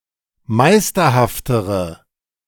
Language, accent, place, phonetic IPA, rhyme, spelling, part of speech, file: German, Germany, Berlin, [ˈmaɪ̯stɐhaftəʁə], -aɪ̯stɐhaftəʁə, meisterhaftere, adjective, De-meisterhaftere.ogg
- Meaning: inflection of meisterhaft: 1. strong/mixed nominative/accusative feminine singular comparative degree 2. strong nominative/accusative plural comparative degree